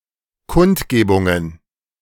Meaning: plural of Kundgebung
- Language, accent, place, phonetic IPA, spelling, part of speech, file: German, Germany, Berlin, [ˈkʊntˌɡeːbʊŋən], Kundgebungen, noun, De-Kundgebungen.ogg